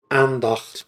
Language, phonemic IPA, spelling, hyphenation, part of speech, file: Dutch, /ˈaːn.dɑxt/, aandacht, aan‧dacht, noun, Nl-aandacht.ogg
- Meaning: 1. attention 2. respect 3. affection 4. meditation (contemplative discourse)